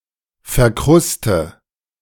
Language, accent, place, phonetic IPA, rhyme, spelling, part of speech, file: German, Germany, Berlin, [fɛɐ̯ˈkʁʊstə], -ʊstə, verkruste, verb, De-verkruste.ogg
- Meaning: inflection of verkrusten: 1. first-person singular present 2. first/third-person singular subjunctive I 3. singular imperative